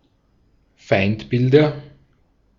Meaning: nominative/accusative/genitive plural of Feindbild
- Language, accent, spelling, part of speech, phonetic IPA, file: German, Austria, Feindbilder, noun, [ˈfaɪ̯ntˌbɪldɐ], De-at-Feindbilder.ogg